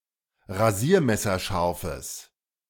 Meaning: strong/mixed nominative/accusative neuter singular of rasiermesserscharf
- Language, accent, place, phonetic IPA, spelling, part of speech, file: German, Germany, Berlin, [ʁaˈziːɐ̯mɛsɐˌʃaʁfəs], rasiermesserscharfes, adjective, De-rasiermesserscharfes.ogg